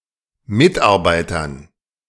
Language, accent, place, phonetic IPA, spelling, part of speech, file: German, Germany, Berlin, [ˈmɪtʔaʁˌbaɪ̯tɐn], Mitarbeitern, noun, De-Mitarbeitern.ogg
- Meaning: dative plural of Mitarbeiter